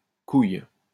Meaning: nut, ball, bollock (testicle)
- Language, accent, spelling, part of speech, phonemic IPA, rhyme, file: French, France, couille, noun, /kuj/, -uj, LL-Q150 (fra)-couille.wav